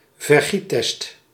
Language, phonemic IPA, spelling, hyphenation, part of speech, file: Dutch, /vərˈɣi(t)ˌtɛst/, vergiettest, ver‧giet‧test, noun, Nl-vergiettest.ogg
- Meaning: colander